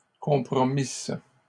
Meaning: second-person singular imperfect subjunctive of compromettre
- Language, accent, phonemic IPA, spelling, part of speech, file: French, Canada, /kɔ̃.pʁɔ.mis/, compromisses, verb, LL-Q150 (fra)-compromisses.wav